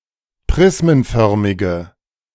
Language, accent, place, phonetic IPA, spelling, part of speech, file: German, Germany, Berlin, [ˈpʁɪsmənˌfœʁmɪɡə], prismenförmige, adjective, De-prismenförmige.ogg
- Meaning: inflection of prismenförmig: 1. strong/mixed nominative/accusative feminine singular 2. strong nominative/accusative plural 3. weak nominative all-gender singular